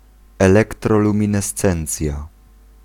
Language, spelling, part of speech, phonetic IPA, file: Polish, elektroluminescencja, noun, [ˌɛlɛktrɔlũmʲĩnɛˈst͡sɛ̃nt͡sʲja], Pl-elektroluminescencja.ogg